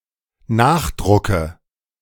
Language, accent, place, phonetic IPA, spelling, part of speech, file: German, Germany, Berlin, [ˈnaːxˌdʁʊkə], Nachdrucke, noun, De-Nachdrucke.ogg
- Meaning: nominative/accusative/genitive plural of Nachdruck